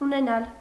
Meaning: 1. to have, to possess, to dispose 2. to own, to hold
- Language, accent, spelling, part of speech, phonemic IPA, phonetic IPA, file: Armenian, Eastern Armenian, ունենալ, verb, /uneˈnɑl/, [unenɑ́l], Hy-ունենալ.ogg